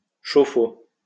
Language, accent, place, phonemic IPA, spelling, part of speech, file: French, France, Lyon, /ʃo.fo/, chauffe-eau, noun, LL-Q150 (fra)-chauffe-eau.wav
- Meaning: water heater (appliance for heating water)